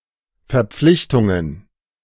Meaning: plural of Verpflichtung
- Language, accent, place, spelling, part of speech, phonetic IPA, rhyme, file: German, Germany, Berlin, Verpflichtungen, noun, [fɛɐ̯ˈp͡flɪçtʊŋən], -ɪçtʊŋən, De-Verpflichtungen.ogg